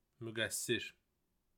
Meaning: guilty, blameworthy
- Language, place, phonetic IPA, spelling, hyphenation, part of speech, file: Azerbaijani, Baku, [myɡæˈsːiɾ], müqəssir, mü‧qəs‧sir, adjective, Az-az-müqəssir.ogg